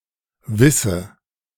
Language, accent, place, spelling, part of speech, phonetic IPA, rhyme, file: German, Germany, Berlin, wisse, verb, [ˈvɪsə], -ɪsə, De-wisse.ogg
- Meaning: 1. first/third-person singular subjunctive I of wissen 2. singular imperative of wissen